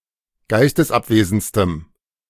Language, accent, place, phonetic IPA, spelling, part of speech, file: German, Germany, Berlin, [ˈɡaɪ̯stəsˌʔapveːzn̩t͡stəm], geistesabwesendstem, adjective, De-geistesabwesendstem.ogg
- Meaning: strong dative masculine/neuter singular superlative degree of geistesabwesend